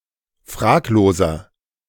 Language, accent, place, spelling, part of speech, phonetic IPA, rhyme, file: German, Germany, Berlin, fragloser, adjective, [ˈfʁaːkloːzɐ], -aːkloːzɐ, De-fragloser.ogg
- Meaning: 1. comparative degree of fraglos 2. inflection of fraglos: strong/mixed nominative masculine singular 3. inflection of fraglos: strong genitive/dative feminine singular